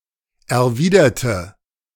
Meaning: inflection of erwidern: 1. first/third-person singular preterite 2. first/third-person singular subjunctive II
- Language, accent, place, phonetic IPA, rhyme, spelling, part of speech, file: German, Germany, Berlin, [ɛɐ̯ˈviːdɐtə], -iːdɐtə, erwiderte, adjective / verb, De-erwiderte.ogg